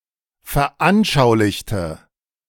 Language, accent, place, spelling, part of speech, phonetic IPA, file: German, Germany, Berlin, veranschaulichte, adjective / verb, [fɛɐ̯ˈʔanʃaʊ̯lɪçtə], De-veranschaulichte.ogg
- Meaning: inflection of veranschaulicht: 1. strong/mixed nominative/accusative feminine singular 2. strong nominative/accusative plural 3. weak nominative all-gender singular